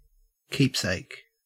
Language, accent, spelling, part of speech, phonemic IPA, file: English, Australia, keepsake, noun, /ˈkiːp.seɪk/, En-au-keepsake.ogg
- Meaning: An object given by a person and retained in memory of something or someone; something kept for sentimental or nostalgic reasons